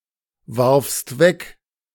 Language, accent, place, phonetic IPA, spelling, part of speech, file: German, Germany, Berlin, [vaʁfst ˈvɛk], warfst weg, verb, De-warfst weg.ogg
- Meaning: second-person singular preterite of wegwerfen